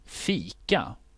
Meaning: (noun) having coffee, tea, saft (“cordial, squash”), or the like, usually with cookies, pastries, or other (sweet) snacks, usually with others, as a social activity
- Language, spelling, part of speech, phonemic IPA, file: Swedish, fika, noun / verb, /²fiːka/, Sv-fika.ogg